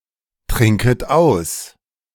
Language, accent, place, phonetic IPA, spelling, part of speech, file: German, Germany, Berlin, [ˌtʁɪŋkət ˈaʊ̯s], trinket aus, verb, De-trinket aus.ogg
- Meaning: second-person plural subjunctive I of austrinken